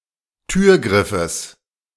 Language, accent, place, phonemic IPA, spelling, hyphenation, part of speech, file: German, Germany, Berlin, /ˈtyːɐ̯ˌɡʁɪfəs/, Türgriffes, Tür‧grif‧fes, noun, De-Türgriffes.ogg
- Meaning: genitive singular of Türgriff